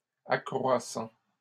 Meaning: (verb) present participle of accroître; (adjective) increasing, expanding, widening
- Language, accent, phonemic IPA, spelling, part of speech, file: French, Canada, /a.kʁwa.sɑ̃/, accroissant, verb / adjective, LL-Q150 (fra)-accroissant.wav